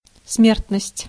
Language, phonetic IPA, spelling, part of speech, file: Russian, [ˈsmʲertnəsʲtʲ], смертность, noun, Ru-смертность.ogg
- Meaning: 1. mortality 2. death rate